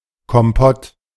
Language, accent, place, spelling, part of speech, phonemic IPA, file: German, Germany, Berlin, Kompott, noun, /kɔmˈpɔt/, De-Kompott.ogg
- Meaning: compote (dessert made of fruit cooked in sugary syrup)